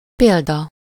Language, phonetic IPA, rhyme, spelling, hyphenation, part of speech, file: Hungarian, [ˈpeːldɒ], -dɒ, példa, pél‧da, noun, Hu-példa.ogg
- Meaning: 1. example (something serving to explain or illustrate a rule) 2. problem (exercise in mathematics or physics education)